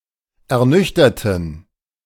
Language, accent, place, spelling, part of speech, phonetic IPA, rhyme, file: German, Germany, Berlin, ernüchterten, adjective / verb, [ɛɐ̯ˈnʏçtɐtn̩], -ʏçtɐtn̩, De-ernüchterten.ogg
- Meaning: inflection of ernüchtern: 1. first/third-person plural preterite 2. first/third-person plural subjunctive II